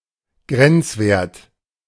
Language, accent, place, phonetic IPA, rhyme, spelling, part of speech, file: German, Germany, Berlin, [ˈɡʁɛnt͡sˌveːɐ̯t], -ɛnt͡sveːɐ̯t, Grenzwert, noun, De-Grenzwert.ogg
- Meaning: limit